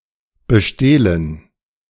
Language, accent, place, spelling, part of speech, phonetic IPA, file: German, Germany, Berlin, bestehlen, verb, [bəˈʃteːlən], De-bestehlen.ogg
- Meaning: to steal from, to rob